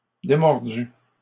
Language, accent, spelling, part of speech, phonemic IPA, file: French, Canada, démordu, verb, /de.mɔʁ.dy/, LL-Q150 (fra)-démordu.wav
- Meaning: past participle of démordre